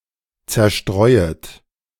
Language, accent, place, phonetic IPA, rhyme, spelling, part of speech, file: German, Germany, Berlin, [ˌt͡sɛɐ̯ˈʃtʁɔɪ̯ət], -ɔɪ̯ət, zerstreuet, verb, De-zerstreuet.ogg
- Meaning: second-person plural subjunctive I of zerstreuen